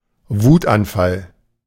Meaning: tantrum, fit of rage
- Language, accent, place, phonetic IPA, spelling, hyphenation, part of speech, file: German, Germany, Berlin, [ˈvuːtʔanˌfal], Wutanfall, Wut‧an‧fall, noun, De-Wutanfall.ogg